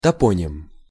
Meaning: toponym, place name
- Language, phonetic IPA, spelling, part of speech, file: Russian, [tɐˈponʲɪm], топоним, noun, Ru-топоним.ogg